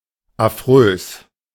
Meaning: hideous
- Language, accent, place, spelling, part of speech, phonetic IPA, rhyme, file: German, Germany, Berlin, affrös, adjective, [aˈfʁøːs], -øːs, De-affrös.ogg